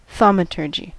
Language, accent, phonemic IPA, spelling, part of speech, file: English, US, /ˈθɔməˌtɝd͡ʒi/, thaumaturgy, noun, En-us-thaumaturgy.ogg
- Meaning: The working of miracles, wonderworking; magic, witchcraft, wizardry